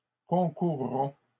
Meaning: first-person plural simple future of concourir
- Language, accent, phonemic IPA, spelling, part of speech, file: French, Canada, /kɔ̃.kuʁ.ʁɔ̃/, concourrons, verb, LL-Q150 (fra)-concourrons.wav